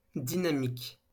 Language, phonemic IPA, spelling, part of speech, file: French, /di.na.mik/, dynamique, adjective / noun, LL-Q150 (fra)-dynamique.wav
- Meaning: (adjective) 1. in motion, dynamic 2. dynamic, energetic; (noun) dynamics